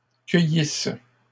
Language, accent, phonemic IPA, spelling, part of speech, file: French, Canada, /kœ.jis/, cueillisse, verb, LL-Q150 (fra)-cueillisse.wav
- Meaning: first-person singular imperfect subjunctive of cueillir